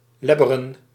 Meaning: 1. to lick audibly 2. to lap; to drink audibly, often using a tongue
- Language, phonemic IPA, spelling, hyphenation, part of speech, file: Dutch, /ˈlɛ.bə.rə(n)/, lebberen, leb‧be‧ren, verb, Nl-lebberen.ogg